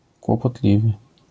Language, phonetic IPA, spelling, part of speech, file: Polish, [ˌkwɔpɔˈtlʲivɨ], kłopotliwy, adjective, LL-Q809 (pol)-kłopotliwy.wav